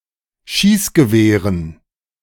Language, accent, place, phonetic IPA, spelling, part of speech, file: German, Germany, Berlin, [ˈʃiːsɡəˌveːʁən], Schießgewehren, noun, De-Schießgewehren.ogg
- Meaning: dative plural of Schießgewehr